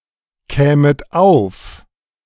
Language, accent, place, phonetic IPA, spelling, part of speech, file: German, Germany, Berlin, [ˌkɛːmət ˈaʊ̯f], kämet auf, verb, De-kämet auf.ogg
- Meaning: second-person plural subjunctive II of aufkommen